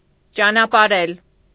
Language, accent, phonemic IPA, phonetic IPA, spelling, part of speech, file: Armenian, Eastern Armenian, /t͡ʃɑnɑpɑˈɾel/, [t͡ʃɑnɑpɑɾél], ճանապարհել, verb, Hy-ճանապարհել.ogg
- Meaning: to see off